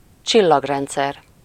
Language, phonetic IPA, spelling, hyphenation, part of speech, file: Hungarian, [ˈt͡ʃilːɒɡrɛnt͡sɛr], csillagrendszer, csil‧lag‧rend‧szer, noun, Hu-csillagrendszer.ogg
- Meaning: galaxy